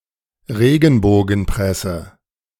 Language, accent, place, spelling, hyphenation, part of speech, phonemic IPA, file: German, Germany, Berlin, Regenbogenpresse, Re‧gen‧bo‧gen‧pres‧se, noun, /ˈʁeːɡn̩boːɡn̩ˌpʁɛsə/, De-Regenbogenpresse.ogg
- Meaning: yellow press